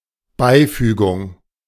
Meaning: apposition
- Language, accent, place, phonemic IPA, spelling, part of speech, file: German, Germany, Berlin, /ˈbaɪ̯ˌfyːɡʊŋ/, Beifügung, noun, De-Beifügung.ogg